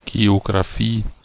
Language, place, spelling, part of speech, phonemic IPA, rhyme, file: German, Bavaria, Geografie, noun, /ˌɡe(ː).o.ɡʁaˈfiː/, -iː, De-Geografie.ogg
- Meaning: geography